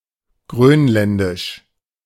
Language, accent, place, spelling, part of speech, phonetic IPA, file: German, Germany, Berlin, Grönländisch, noun, [ˈɡʁøːnˌlɛndɪʃ], De-Grönländisch.ogg
- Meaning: Greenlandic, Greenlandish (language)